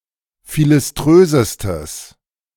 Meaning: strong/mixed nominative/accusative neuter singular superlative degree of philiströs
- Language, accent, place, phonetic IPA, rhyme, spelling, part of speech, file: German, Germany, Berlin, [ˌfilɪsˈtʁøːzəstəs], -øːzəstəs, philiströsestes, adjective, De-philiströsestes.ogg